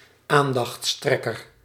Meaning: someone who draws attention (in an irritating manner)
- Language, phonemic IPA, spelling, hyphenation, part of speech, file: Dutch, /ˈaːn.dɑxtsˌtrɛ.kər/, aandachtstrekker, aan‧dachts‧trek‧ker, noun, Nl-aandachtstrekker.ogg